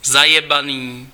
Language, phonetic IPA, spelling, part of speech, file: Czech, [ˈzajɛbaniː], zajebaný, adjective, Cs-zajebaný.ogg
- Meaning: fucking, damned